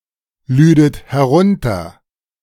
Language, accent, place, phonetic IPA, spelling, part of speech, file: German, Germany, Berlin, [ˌlyːdət hɛˈʁʊntɐ], lüdet herunter, verb, De-lüdet herunter.ogg
- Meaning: second-person plural subjunctive II of herunterladen